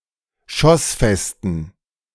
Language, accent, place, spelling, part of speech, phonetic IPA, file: German, Germany, Berlin, schossfesten, adjective, [ˈʃɔsˌfɛstn̩], De-schossfesten.ogg
- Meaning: inflection of schossfest: 1. strong genitive masculine/neuter singular 2. weak/mixed genitive/dative all-gender singular 3. strong/weak/mixed accusative masculine singular 4. strong dative plural